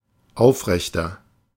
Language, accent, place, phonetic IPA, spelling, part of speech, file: German, Germany, Berlin, [ˈaʊ̯fˌʁɛçtɐ], aufrechter, adjective, De-aufrechter.ogg
- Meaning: 1. comparative degree of aufrecht 2. inflection of aufrecht: strong/mixed nominative masculine singular 3. inflection of aufrecht: strong genitive/dative feminine singular